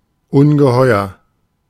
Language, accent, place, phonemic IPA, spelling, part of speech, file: German, Germany, Berlin, /ˈʊnɡəˌhɔɪ̯ɐ/, ungeheuer, adjective / adverb, De-ungeheuer.ogg
- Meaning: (adjective) 1. enormous 2. monstrous; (adverb) enormously